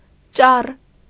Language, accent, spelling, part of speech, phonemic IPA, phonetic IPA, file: Armenian, Eastern Armenian, ճառ, noun, /t͡ʃɑr/, [t͡ʃɑr], Hy-ճառ.ogg
- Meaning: 1. speech, oration; harangue 2. tirade